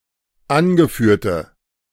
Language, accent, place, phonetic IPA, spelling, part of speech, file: German, Germany, Berlin, [ˈanɡəˌfyːɐ̯tə], angeführte, adjective, De-angeführte.ogg
- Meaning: inflection of angeführt: 1. strong/mixed nominative/accusative feminine singular 2. strong nominative/accusative plural 3. weak nominative all-gender singular